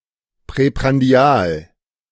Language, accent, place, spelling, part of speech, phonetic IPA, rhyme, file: German, Germany, Berlin, präprandial, adjective, [pʁɛpʁanˈdi̯aːl], -aːl, De-präprandial.ogg
- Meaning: preprandial